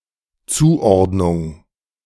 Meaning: assignment, classification
- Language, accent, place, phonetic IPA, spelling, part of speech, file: German, Germany, Berlin, [ˈt͡suːˌʔɔʁdnʊŋ], Zuordnung, noun, De-Zuordnung.ogg